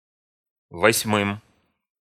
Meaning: dative plural of восьма́я (vosʹmája)
- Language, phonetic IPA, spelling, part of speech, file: Russian, [vɐsʲˈmɨm], восьмым, noun, Ru-восьмым.ogg